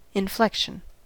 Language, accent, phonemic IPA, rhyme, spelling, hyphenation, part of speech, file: English, US, /ɪnˈflɛkʃən/, -ɛkʃən, inflection, in‧flec‧tion, noun, En-us-inflection.ogg
- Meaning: The linguistic phenomenon of morphological variation, whereby words take a number of distinct forms in order to express different grammatical features